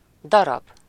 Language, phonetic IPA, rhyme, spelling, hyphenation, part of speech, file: Hungarian, [ˈdɒrɒb], -ɒb, darab, da‧rab, noun, Hu-darab.ogg
- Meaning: 1. piece, chunk 2. piece 3. synonym of színdarab, play, drama 4. some while